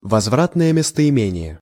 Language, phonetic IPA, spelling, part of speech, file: Russian, [vɐzˈvratnəjə mʲɪstəɪˈmʲenʲɪje], возвратное местоимение, noun, Ru-возвратное местоимение.ogg
- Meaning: reflexive pronoun